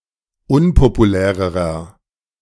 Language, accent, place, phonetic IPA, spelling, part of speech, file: German, Germany, Berlin, [ˈʊnpopuˌlɛːʁəʁɐ], unpopulärerer, adjective, De-unpopulärerer.ogg
- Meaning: inflection of unpopulär: 1. strong/mixed nominative masculine singular comparative degree 2. strong genitive/dative feminine singular comparative degree 3. strong genitive plural comparative degree